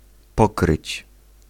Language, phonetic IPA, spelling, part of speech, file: Polish, [ˈpɔkrɨt͡ɕ], pokryć, verb, Pl-pokryć.ogg